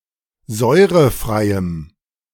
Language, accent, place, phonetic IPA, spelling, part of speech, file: German, Germany, Berlin, [ˈzɔɪ̯ʁəˌfʁaɪ̯əm], säurefreiem, adjective, De-säurefreiem.ogg
- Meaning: strong dative masculine/neuter singular of säurefrei